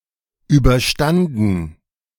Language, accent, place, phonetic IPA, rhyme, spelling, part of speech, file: German, Germany, Berlin, [ˌyːbɐˈʃtandn̩], -andn̩, überstanden, verb, De-überstanden.ogg
- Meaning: past participle of überstehen